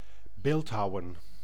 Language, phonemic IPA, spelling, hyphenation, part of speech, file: Dutch, /ˈbeːltɦɑu̯ə(n)/, beeldhouwen, beeld‧hou‧wen, verb / noun, Nl-beeldhouwen.ogg
- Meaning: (verb) to carve (sculptures, as an art form); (noun) sculpture